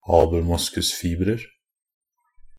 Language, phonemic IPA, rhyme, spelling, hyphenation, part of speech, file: Norwegian Bokmål, /ɑːbl̩ˈmʊskʉsfiːbrər/, -ər, abelmoskusfibrer, ab‧el‧mos‧kus‧fib‧rer, noun, NB - Pronunciation of Norwegian Bokmål «abelmoskusfibrer».ogg
- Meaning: indefinite plural of abelmoskusfiber